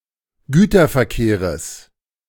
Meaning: genitive singular of Güterverkehr
- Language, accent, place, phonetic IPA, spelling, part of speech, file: German, Germany, Berlin, [ˈɡyːtɐfɛɐ̯ˌkeːʁəs], Güterverkehres, noun, De-Güterverkehres.ogg